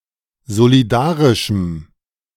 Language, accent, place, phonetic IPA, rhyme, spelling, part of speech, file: German, Germany, Berlin, [zoliˈdaːʁɪʃm̩], -aːʁɪʃm̩, solidarischem, adjective, De-solidarischem.ogg
- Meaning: strong dative masculine/neuter singular of solidarisch